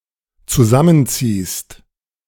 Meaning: second-person singular dependent present of zusammenziehen
- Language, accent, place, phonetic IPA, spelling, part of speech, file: German, Germany, Berlin, [t͡suˈzamənˌt͡siːst], zusammenziehst, verb, De-zusammenziehst.ogg